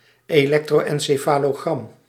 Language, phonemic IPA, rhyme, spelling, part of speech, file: Dutch, /eːˌlɛk.troː.ɛn.seː.faː.loːˈɣrɑm/, -ɑm, elektro-encefalogram, noun, Nl-elektro-encefalogram.ogg
- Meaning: electroencephalogram